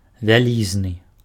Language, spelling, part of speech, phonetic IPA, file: Belarusian, вялізны, adjective, [vʲaˈlʲiznɨ], Be-вялізны.ogg
- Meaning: huge